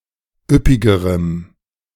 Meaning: strong dative masculine/neuter singular comparative degree of üppig
- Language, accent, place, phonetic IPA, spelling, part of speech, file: German, Germany, Berlin, [ˈʏpɪɡəʁəm], üppigerem, adjective, De-üppigerem.ogg